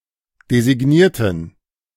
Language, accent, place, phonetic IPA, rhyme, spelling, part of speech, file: German, Germany, Berlin, [dezɪˈɡniːɐ̯tn̩], -iːɐ̯tn̩, designierten, adjective / verb, De-designierten.ogg
- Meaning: inflection of designiert: 1. strong genitive masculine/neuter singular 2. weak/mixed genitive/dative all-gender singular 3. strong/weak/mixed accusative masculine singular 4. strong dative plural